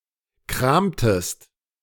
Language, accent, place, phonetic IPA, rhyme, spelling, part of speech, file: German, Germany, Berlin, [ˈkʁaːmtəst], -aːmtəst, kramtest, verb, De-kramtest.ogg
- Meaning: inflection of kramen: 1. second-person singular preterite 2. second-person singular subjunctive II